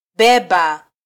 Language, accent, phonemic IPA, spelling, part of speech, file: Swahili, Kenya, /ˈɓɛ.ɓɑ/, beba, verb, Sw-ke-beba.flac
- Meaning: 1. to transport, carry 2. to take